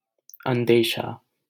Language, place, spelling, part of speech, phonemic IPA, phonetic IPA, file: Hindi, Delhi, अंदेशा, noun, /ən.d̪eː.ʃɑː/, [ɐ̃n̪.d̪eː.ʃäː], LL-Q1568 (hin)-अंदेशा.wav
- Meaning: 1. misgiving, doubt, apprehension, suspicion 2. anxiety, concern 3. danger